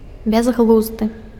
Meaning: 1. unreasonable, untalented (who understands nothing) 2. silly (which expresses the absence of thought) 3. meaningless (devoid of content, meaning)
- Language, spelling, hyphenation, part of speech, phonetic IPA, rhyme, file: Belarusian, бязглузды, бяз‧глуз‧ды, adjective, [bʲaz.ɣˈɫuzdɨ], -uzdɨ, Be-бязглузды.ogg